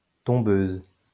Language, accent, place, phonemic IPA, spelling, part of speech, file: French, France, Lyon, /tɔ̃.bøz/, tombeuse, noun, LL-Q150 (fra)-tombeuse.wav
- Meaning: female equivalent of tombeur